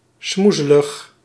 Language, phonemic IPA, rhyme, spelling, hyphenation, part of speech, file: Dutch, /ˈsmu.zə.ləx/, -uzələx, smoezelig, smoe‧ze‧lig, adjective, Nl-smoezelig.ogg
- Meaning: untidy, grimy, unkempt